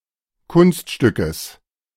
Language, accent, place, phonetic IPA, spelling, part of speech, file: German, Germany, Berlin, [ˈkʊnstˌʃtʏkəs], Kunststückes, noun, De-Kunststückes.ogg
- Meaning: genitive singular of Kunststück